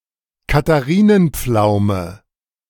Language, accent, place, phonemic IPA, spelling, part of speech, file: German, Germany, Berlin, /kataˈriːnənˌp͡flaʊ̯mə/, Katharinenpflaume, noun, De-Katharinenpflaume.ogg
- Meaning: Prunus domestica ssp. insititia var. pomariorum